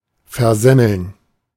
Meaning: to screw up, to fail
- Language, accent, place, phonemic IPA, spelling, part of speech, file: German, Germany, Berlin, /fɛɐ̯ˈzɛml̩n/, versemmeln, verb, De-versemmeln.ogg